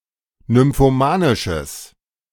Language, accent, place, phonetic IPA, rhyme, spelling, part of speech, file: German, Germany, Berlin, [nʏmfoˈmaːnɪʃəs], -aːnɪʃəs, nymphomanisches, adjective, De-nymphomanisches.ogg
- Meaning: strong/mixed nominative/accusative neuter singular of nymphomanisch